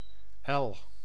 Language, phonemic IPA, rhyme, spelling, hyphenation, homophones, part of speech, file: Dutch, /ɛl/, -ɛl, el, el, Ell, noun, Nl-el.ogg
- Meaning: a unit of length corresponding to about 69 cm: ell, cubit